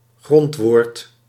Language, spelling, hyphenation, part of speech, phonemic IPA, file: Dutch, grondwoord, grond‧woord, noun, /ˈɣrɔnt.ʋoːrt/, Nl-grondwoord.ogg
- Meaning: 1. primitive (word) 2. stem, word stem